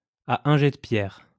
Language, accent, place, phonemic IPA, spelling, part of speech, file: French, France, Lyon, /a œ̃ ʒɛ də pjɛʁ/, à un jet de pierre, adverb, LL-Q150 (fra)-à un jet de pierre.wav
- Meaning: at a short distance, a stone's throw away, nearby